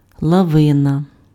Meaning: avalanche
- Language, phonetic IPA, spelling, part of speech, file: Ukrainian, [ɫɐˈʋɪnɐ], лавина, noun, Uk-лавина.ogg